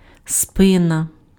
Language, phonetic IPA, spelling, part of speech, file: Ukrainian, [ˈspɪnɐ], спина, noun, Uk-спина.ogg
- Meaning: back, the rear of the torso